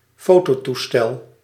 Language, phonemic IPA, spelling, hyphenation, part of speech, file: Dutch, /ˈfoː.toː.tuˌstɛl/, fototoestel, fo‧to‧toe‧stel, noun, Nl-fototoestel.ogg
- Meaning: a still camera; a camera used to shoot still pictures